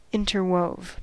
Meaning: simple past of interweave
- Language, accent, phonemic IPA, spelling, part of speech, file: English, US, /ˈɪntəɹwoʊv/, interwove, verb, En-us-interwove.ogg